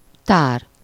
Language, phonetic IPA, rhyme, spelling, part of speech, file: Hungarian, [ˈtaːr], -aːr, tár, noun / verb, Hu-tár.ogg
- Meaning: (noun) 1. storehouse, repository 2. cabinet, collection (in museums) 3. magazine (in guns); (verb) 1. to open wide 2. to expose, to reveal something (to someone elé)